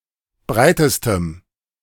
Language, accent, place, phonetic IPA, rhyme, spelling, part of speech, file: German, Germany, Berlin, [ˈbʁaɪ̯təstəm], -aɪ̯təstəm, breitestem, adjective, De-breitestem.ogg
- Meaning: strong dative masculine/neuter singular superlative degree of breit